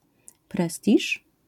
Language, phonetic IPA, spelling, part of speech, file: Polish, [ˈprɛstʲiʃ], prestiż, noun, LL-Q809 (pol)-prestiż.wav